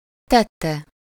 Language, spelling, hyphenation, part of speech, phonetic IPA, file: Hungarian, tette, tet‧te, noun / verb, [ˈtɛtːɛ], Hu-tette.ogg
- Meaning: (noun) third-person singular single-possession possessive of tett; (verb) third-person singular indicative past definite of tesz